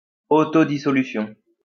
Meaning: dissolution
- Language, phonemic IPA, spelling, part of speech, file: French, /di.sɔ.ly.sjɔ̃/, dissolution, noun, LL-Q150 (fra)-dissolution.wav